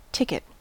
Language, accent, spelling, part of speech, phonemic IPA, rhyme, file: English, US, ticket, noun / verb, /ˈtɪk.ɪt/, -ɪkɪt, En-us-ticket.ogg
- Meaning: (noun) A small document that acts as proof of something, often thereby granting the holder some ability.: A pass entitling the holder to admission to a show, concert, sporting event, etc